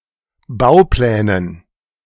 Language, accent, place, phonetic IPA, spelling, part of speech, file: German, Germany, Berlin, [ˈbaʊ̯ˌplɛːnən], Bauplänen, noun, De-Bauplänen.ogg
- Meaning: dative plural of Bauplan